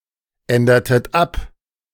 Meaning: inflection of abändern: 1. second-person plural preterite 2. second-person plural subjunctive II
- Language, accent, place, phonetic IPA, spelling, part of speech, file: German, Germany, Berlin, [ˌɛndɐtət ˈap], ändertet ab, verb, De-ändertet ab.ogg